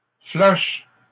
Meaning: 1. flush 2. flush (reddening of the face) 3. emptying of the cache
- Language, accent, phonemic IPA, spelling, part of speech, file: French, Canada, /flœʃ/, flush, noun, LL-Q150 (fra)-flush.wav